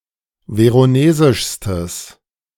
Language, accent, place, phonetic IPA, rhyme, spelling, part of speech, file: German, Germany, Berlin, [ˌveʁoˈneːzɪʃstəs], -eːzɪʃstəs, veronesischstes, adjective, De-veronesischstes.ogg
- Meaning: strong/mixed nominative/accusative neuter singular superlative degree of veronesisch